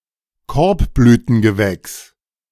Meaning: 1. any plant of the composite family (Asteraceae) 2. collective noun for plants of the composite family (Asteraceae)
- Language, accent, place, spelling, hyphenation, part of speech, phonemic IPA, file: German, Germany, Berlin, Korbblütengewächs, Korb‧blü‧ten‧ge‧wächs, noun, /ˈkɔɐ̯pblyːtən.ɡəˌvɛks/, De-Korbblütengewächs.ogg